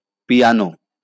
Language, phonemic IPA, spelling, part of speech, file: Bengali, /piɑno/, পিয়ানো, noun, LL-Q9610 (ben)-পিয়ানো.wav
- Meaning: piano